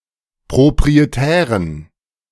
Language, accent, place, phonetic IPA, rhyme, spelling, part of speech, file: German, Germany, Berlin, [pʁopʁieˈtɛːʁən], -ɛːʁən, proprietären, adjective, De-proprietären.ogg
- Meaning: inflection of proprietär: 1. strong genitive masculine/neuter singular 2. weak/mixed genitive/dative all-gender singular 3. strong/weak/mixed accusative masculine singular 4. strong dative plural